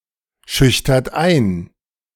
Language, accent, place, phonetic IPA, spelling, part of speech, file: German, Germany, Berlin, [ˌʃʏçtɐt ˈaɪ̯n], schüchtert ein, verb, De-schüchtert ein.ogg
- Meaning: inflection of einschüchtern: 1. second-person plural present 2. third-person singular present 3. plural imperative